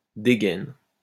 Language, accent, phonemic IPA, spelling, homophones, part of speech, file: French, France, /de.ɡɛn/, dégaine, dégainent / dégaines, noun / verb, LL-Q150 (fra)-dégaine.wav
- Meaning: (noun) 1. unusual appearance 2. quickdraw; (verb) inflection of dégainer: 1. first/third-person singular present indicative/subjunctive 2. second-person singular imperative